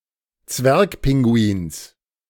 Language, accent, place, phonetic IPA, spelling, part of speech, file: German, Germany, Berlin, [ˈt͡svɛʁkˌpɪŋɡuiːns], Zwergpinguins, noun, De-Zwergpinguins.ogg
- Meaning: genitive singular of Zwergpinguin